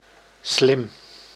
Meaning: 1. intelligent, bright 2. clever, smart 3. wrong, incorrect, bad
- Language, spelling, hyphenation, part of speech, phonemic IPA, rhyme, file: Dutch, slim, slim, adjective, /slɪm/, -ɪm, Nl-slim.ogg